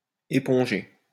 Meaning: 1. to sponge (clean with a sponge) 2. to absorb
- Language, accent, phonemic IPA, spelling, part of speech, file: French, France, /e.pɔ̃.ʒe/, éponger, verb, LL-Q150 (fra)-éponger.wav